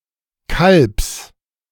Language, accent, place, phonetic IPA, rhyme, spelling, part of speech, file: German, Germany, Berlin, [kalps], -alps, Kalbs, noun, De-Kalbs.ogg
- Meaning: genitive singular of Kalb